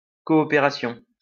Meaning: cooperation
- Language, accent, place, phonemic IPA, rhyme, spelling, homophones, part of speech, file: French, France, Lyon, /kɔ.ɔ.pe.ʁa.sjɔ̃/, -ɔ̃, coopération, coopérations, noun, LL-Q150 (fra)-coopération.wav